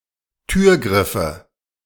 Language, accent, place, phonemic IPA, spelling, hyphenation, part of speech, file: German, Germany, Berlin, /ˈtyːɐ̯ˌɡʁɪfə/, Türgriffe, Tür‧grif‧fe, noun, De-Türgriffe.ogg
- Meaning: nominative/accusative/genitive plural of Türgriff